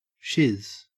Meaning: shit (in any sense)
- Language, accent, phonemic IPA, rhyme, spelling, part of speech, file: English, Australia, /ʃɪz/, -ɪz, shiz, noun, En-au-shiz.ogg